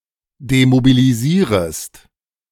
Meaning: second-person singular subjunctive I of demobilisieren
- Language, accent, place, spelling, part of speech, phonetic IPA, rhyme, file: German, Germany, Berlin, demobilisierest, verb, [demobiliˈziːʁəst], -iːʁəst, De-demobilisierest.ogg